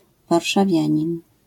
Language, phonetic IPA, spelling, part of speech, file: Polish, [ˌvarʃaˈvʲjä̃ɲĩn], warszawianin, noun, LL-Q809 (pol)-warszawianin.wav